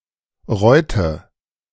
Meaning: a municipality of Tyrol, Austria
- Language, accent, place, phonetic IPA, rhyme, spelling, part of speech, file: German, Germany, Berlin, [ˈʁɔɪ̯tə], -ɔɪ̯tə, Reutte, proper noun, De-Reutte.ogg